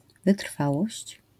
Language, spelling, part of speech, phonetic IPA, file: Polish, wytrwałość, noun, [vɨˈtr̥fawɔɕt͡ɕ], LL-Q809 (pol)-wytrwałość.wav